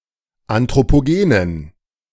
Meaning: inflection of anthropogen: 1. strong genitive masculine/neuter singular 2. weak/mixed genitive/dative all-gender singular 3. strong/weak/mixed accusative masculine singular 4. strong dative plural
- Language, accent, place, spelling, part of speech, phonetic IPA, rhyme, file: German, Germany, Berlin, anthropogenen, adjective, [ˌantʁopoˈɡeːnən], -eːnən, De-anthropogenen.ogg